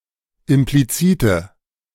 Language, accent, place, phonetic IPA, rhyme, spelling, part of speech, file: German, Germany, Berlin, [ɪmpliˈt͡siːtə], -iːtə, implizite, adjective, De-implizite.ogg
- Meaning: inflection of implizit: 1. strong/mixed nominative/accusative feminine singular 2. strong nominative/accusative plural 3. weak nominative all-gender singular